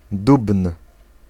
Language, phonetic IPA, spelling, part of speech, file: Polish, [dupn̥], dubn, noun, Pl-dubn.ogg